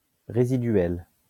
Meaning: residual
- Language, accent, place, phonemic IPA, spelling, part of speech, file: French, France, Lyon, /ʁe.zi.dɥɛl/, résiduel, adjective, LL-Q150 (fra)-résiduel.wav